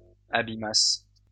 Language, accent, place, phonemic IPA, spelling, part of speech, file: French, France, Lyon, /a.bi.mas/, abîmasse, verb, LL-Q150 (fra)-abîmasse.wav
- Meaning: first-person singular imperfect subjunctive of abîmer